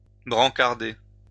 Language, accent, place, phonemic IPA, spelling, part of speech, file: French, France, Lyon, /bʁɑ̃.kaʁ.de/, brancarder, verb, LL-Q150 (fra)-brancarder.wav
- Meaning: to stretcher (carry on a stretcher)